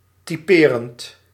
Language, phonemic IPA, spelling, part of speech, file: Dutch, /tiˈperənt/, typerend, verb / adjective, Nl-typerend.ogg
- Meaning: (verb) present participle of typeren; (adjective) typical, characteristic